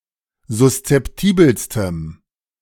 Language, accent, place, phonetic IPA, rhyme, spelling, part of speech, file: German, Germany, Berlin, [zʊst͡sɛpˈtiːbl̩stəm], -iːbl̩stəm, suszeptibelstem, adjective, De-suszeptibelstem.ogg
- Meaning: strong dative masculine/neuter singular superlative degree of suszeptibel